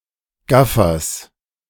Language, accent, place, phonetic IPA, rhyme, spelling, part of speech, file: German, Germany, Berlin, [ˈɡafɐs], -afɐs, Gaffers, noun, De-Gaffers.ogg
- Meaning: genitive singular of Gaffer